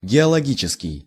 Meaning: geologic, geological
- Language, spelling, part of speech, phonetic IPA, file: Russian, геологический, adjective, [ɡʲɪəɫɐˈɡʲit͡ɕɪskʲɪj], Ru-геологический.ogg